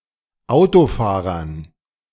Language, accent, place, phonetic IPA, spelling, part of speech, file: German, Germany, Berlin, [ˈaʊ̯toˌfaːʁɐn], Autofahrern, noun, De-Autofahrern.ogg
- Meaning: dative plural of Autofahrer